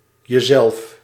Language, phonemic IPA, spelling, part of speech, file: Dutch, /jəˈzɛɫf/, jezelf, pronoun, Nl-jezelf.ogg
- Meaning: yourself